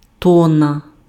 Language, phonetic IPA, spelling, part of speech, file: Ukrainian, [ˈtɔnːɐ], тонна, noun, Uk-тонна.ogg
- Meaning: ton